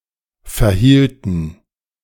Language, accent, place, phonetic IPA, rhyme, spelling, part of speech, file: German, Germany, Berlin, [fɛɐ̯ˈhiːltn̩], -iːltn̩, verhielten, verb, De-verhielten.ogg
- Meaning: inflection of verhalten: 1. first/third-person plural preterite 2. first/third-person plural subjunctive II